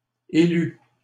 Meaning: third-person singular imperfect subjunctive of élire
- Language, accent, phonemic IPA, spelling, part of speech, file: French, Canada, /e.ly/, élût, verb, LL-Q150 (fra)-élût.wav